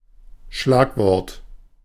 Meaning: buzzword, catchphrase (word drawn from or imitative of technical jargon)
- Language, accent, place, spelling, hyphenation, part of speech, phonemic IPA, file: German, Germany, Berlin, Schlagwort, Schlag‧wort, noun, /ˈʃlaːkˌvɔʁt/, De-Schlagwort.ogg